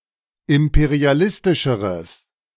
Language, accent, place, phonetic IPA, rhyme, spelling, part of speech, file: German, Germany, Berlin, [ˌɪmpeʁiaˈlɪstɪʃəʁəs], -ɪstɪʃəʁəs, imperialistischeres, adjective, De-imperialistischeres.ogg
- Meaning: strong/mixed nominative/accusative neuter singular comparative degree of imperialistisch